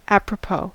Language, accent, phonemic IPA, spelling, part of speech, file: English, US, /ˌæp.ɹəˈpoʊ/, apropos, adjective / preposition / adverb / noun, En-us-apropos.ogg
- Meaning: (adjective) 1. Of an appropriate or pertinent nature 2. By the way, incidental; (preposition) Regarding, concerning, in regard to, on the subject of; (adverb) 1. By the way 2. Timely; at a good time